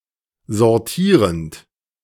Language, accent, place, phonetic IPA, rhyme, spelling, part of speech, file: German, Germany, Berlin, [zɔʁˈtiːʁənt], -iːʁənt, sortierend, verb, De-sortierend.ogg
- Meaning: present participle of sortieren